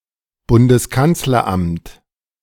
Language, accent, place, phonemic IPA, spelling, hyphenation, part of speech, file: German, Germany, Berlin, /ˈbʊndəskant͡slɐˌʔamt/, Bundeskanzleramt, Bun‧des‧kanz‧ler‧amt, noun, De-Bundeskanzleramt.ogg
- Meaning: chancellery, especially: 1. the Chancellery of Germany 2. the Chancellery of Austria